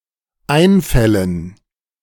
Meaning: dative plural of Einfall
- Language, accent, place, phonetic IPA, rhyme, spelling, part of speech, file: German, Germany, Berlin, [ˈaɪ̯nˌfɛlən], -aɪ̯nfɛlən, Einfällen, noun, De-Einfällen.ogg